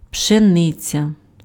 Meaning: wheat
- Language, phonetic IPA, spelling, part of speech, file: Ukrainian, [pʃeˈnɪt͡sʲɐ], пшениця, noun, Uk-пшениця.ogg